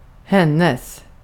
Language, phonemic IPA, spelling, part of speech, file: Swedish, /²hɛnɛs/, hennes, determiner / pronoun, Sv-hennes.ogg
- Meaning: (determiner) her; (pronoun) hers